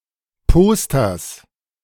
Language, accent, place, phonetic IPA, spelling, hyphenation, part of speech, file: German, Germany, Berlin, [ˈpoːstɐs], Posters, Pos‧ters, noun, De-Posters.ogg
- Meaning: genitive singular of Poster